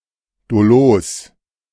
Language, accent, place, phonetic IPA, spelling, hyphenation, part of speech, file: German, Germany, Berlin, [doˈloːs], dolos, do‧los, adjective, De-dolos.ogg
- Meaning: crafty, cunning, deceitful